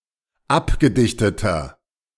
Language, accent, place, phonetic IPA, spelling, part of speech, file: German, Germany, Berlin, [ˈapɡəˌdɪçtətɐ], abgedichteter, adjective, De-abgedichteter.ogg
- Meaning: inflection of abgedichtet: 1. strong/mixed nominative masculine singular 2. strong genitive/dative feminine singular 3. strong genitive plural